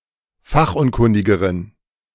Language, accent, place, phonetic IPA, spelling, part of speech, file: German, Germany, Berlin, [ˈfaxʔʊnˌkʊndɪɡəʁən], fachunkundigeren, adjective, De-fachunkundigeren.ogg
- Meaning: inflection of fachunkundig: 1. strong genitive masculine/neuter singular comparative degree 2. weak/mixed genitive/dative all-gender singular comparative degree